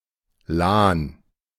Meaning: Lahn (a right tributary of the Rhine, Germany)
- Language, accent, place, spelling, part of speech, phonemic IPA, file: German, Germany, Berlin, Lahn, proper noun, /laːn/, De-Lahn.ogg